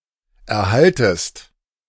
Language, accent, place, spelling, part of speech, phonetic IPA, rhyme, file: German, Germany, Berlin, erhaltest, verb, [ɛɐ̯ˈhaltəst], -altəst, De-erhaltest.ogg
- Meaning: second-person singular subjunctive I of erhalten